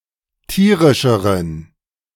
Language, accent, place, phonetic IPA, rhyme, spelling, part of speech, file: German, Germany, Berlin, [ˈtiːʁɪʃəʁən], -iːʁɪʃəʁən, tierischeren, adjective, De-tierischeren.ogg
- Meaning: inflection of tierisch: 1. strong genitive masculine/neuter singular comparative degree 2. weak/mixed genitive/dative all-gender singular comparative degree